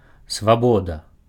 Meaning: freedom
- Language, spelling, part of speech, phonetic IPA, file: Belarusian, свабода, noun, [svaˈboda], Be-свабода.ogg